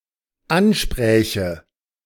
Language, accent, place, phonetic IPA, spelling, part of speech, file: German, Germany, Berlin, [ˈanˌʃpʁɛːçə], anspräche, verb, De-anspräche.ogg
- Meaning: first/third-person singular dependent subjunctive II of ansprechen